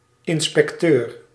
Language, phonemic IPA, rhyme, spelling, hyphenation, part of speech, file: Dutch, /ˌɪn.spɛkˈtøːr/, -øːr, inspecteur, in‧spec‧teur, noun, Nl-inspecteur.ogg
- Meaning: inspector